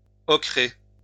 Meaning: to ochre (cover with ochre)
- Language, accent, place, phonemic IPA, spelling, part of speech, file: French, France, Lyon, /ɔ.kʁe/, ocrer, verb, LL-Q150 (fra)-ocrer.wav